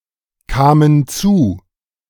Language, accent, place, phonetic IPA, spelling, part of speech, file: German, Germany, Berlin, [ˌkaːmən ˈt͡suː], kamen zu, verb, De-kamen zu.ogg
- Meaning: first/third-person plural preterite of zukommen